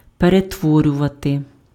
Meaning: to transform, to convert, to transmute, to transfigure, to turn (:something into something else)
- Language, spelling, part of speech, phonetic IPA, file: Ukrainian, перетворювати, verb, [peretˈwɔrʲʊʋɐte], Uk-перетворювати.ogg